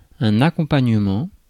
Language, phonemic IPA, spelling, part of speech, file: French, /a.kɔ̃.paɲ.mɑ̃/, accompagnement, noun, Fr-accompagnement.ogg
- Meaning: 1. accompaniment 2. side dish